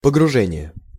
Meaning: 1. immersion 2. submersion, submergence 3. dive, diving 4. sinking, settling
- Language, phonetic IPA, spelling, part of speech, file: Russian, [pəɡrʊˈʐɛnʲɪje], погружение, noun, Ru-погружение.ogg